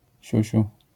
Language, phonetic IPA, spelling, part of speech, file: Polish, [ˈɕüɕu], siusiu, noun, LL-Q809 (pol)-siusiu.wav